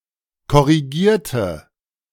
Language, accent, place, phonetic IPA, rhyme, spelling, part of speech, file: German, Germany, Berlin, [kɔʁiˈɡiːɐ̯tə], -iːɐ̯tə, korrigierte, adjective / verb, De-korrigierte.ogg
- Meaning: inflection of korrigieren: 1. first/third-person singular preterite 2. first/third-person singular subjunctive II